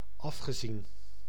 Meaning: past participle of afzien
- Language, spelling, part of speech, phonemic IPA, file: Dutch, afgezien, verb / preposition, /ˈɑfxəˌzin/, Nl-afgezien.ogg